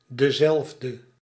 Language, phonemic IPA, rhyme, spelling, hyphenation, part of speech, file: Dutch, /dəˈzɛlf.də/, -ɛlfdə, dezelfde, de‧zelf‧de, determiner / pronoun, Nl-dezelfde.ogg
- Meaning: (determiner) the same